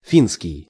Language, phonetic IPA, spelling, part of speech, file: Russian, [ˈfʲinskʲɪj], финский, noun / adjective, Ru-финский.ogg
- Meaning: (noun) Finnish language; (adjective) Finnish